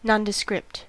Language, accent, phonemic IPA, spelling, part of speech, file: English, US, /nɑndəˈskɹɪpt/, nondescript, adjective / noun, En-us-nondescript.ogg
- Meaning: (adjective) 1. Not described (in the academic literature) 2. Without distinguishing qualities or characteristics